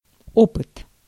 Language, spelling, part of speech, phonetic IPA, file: Russian, опыт, noun, [ˈopɨt], Ru-опыт.ogg
- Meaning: 1. experience 2. experiment